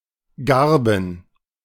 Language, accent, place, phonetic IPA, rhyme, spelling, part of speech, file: German, Germany, Berlin, [ˈɡaʁbn̩], -aʁbn̩, Garben, noun, De-Garben.ogg
- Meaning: plural of Garbe